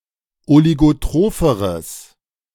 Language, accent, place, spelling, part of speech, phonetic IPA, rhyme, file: German, Germany, Berlin, oligotropheres, adjective, [oliɡoˈtʁoːfəʁəs], -oːfəʁəs, De-oligotropheres.ogg
- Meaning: strong/mixed nominative/accusative neuter singular comparative degree of oligotroph